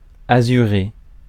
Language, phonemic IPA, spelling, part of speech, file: French, /a.zy.ʁe/, azuré, verb / adjective, Fr-azuré.ogg
- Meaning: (verb) past participle of azurer; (adjective) azure (blue in colour)